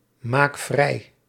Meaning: inflection of vrijmaken: 1. first-person singular present indicative 2. second-person singular present indicative 3. imperative
- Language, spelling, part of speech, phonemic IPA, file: Dutch, maak vrij, verb, /ˈmak ˈvrɛi/, Nl-maak vrij.ogg